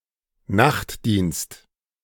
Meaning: night service
- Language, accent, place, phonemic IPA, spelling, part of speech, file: German, Germany, Berlin, /ˈnaχtdiːnst/, Nachtdienst, noun, De-Nachtdienst.ogg